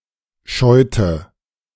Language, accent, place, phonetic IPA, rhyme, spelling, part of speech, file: German, Germany, Berlin, [ˈʃɔɪ̯tə], -ɔɪ̯tə, scheute, verb, De-scheute.ogg
- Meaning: inflection of scheuen: 1. first/third-person singular preterite 2. first/third-person singular subjunctive II